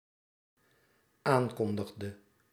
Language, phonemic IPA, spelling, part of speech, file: Dutch, /ˈaŋkɔndəɣdə/, aankondigde, verb, Nl-aankondigde.ogg
- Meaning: inflection of aankondigen: 1. singular dependent-clause past indicative 2. singular dependent-clause past subjunctive